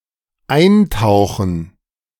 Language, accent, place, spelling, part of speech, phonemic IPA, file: German, Germany, Berlin, eintauchen, verb, /ˈaɪ̯nˌtaʊ̯xən/, De-eintauchen.ogg
- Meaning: 1. to plunge 2. to immerse, to dip, to steep